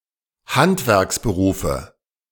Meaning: nominative/accusative/genitive plural of Handwerksberuf
- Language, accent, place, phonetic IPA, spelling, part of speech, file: German, Germany, Berlin, [ˈhantvɛʁksbəˌʁuːfə], Handwerksberufe, noun, De-Handwerksberufe.ogg